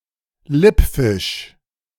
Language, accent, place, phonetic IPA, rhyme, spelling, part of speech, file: German, Germany, Berlin, [ˈlɪpˌfɪʃ], -ɪpfɪʃ, Lippfisch, noun, De-Lippfisch.ogg
- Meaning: wrasse (any one of numerous species within the family Labridae)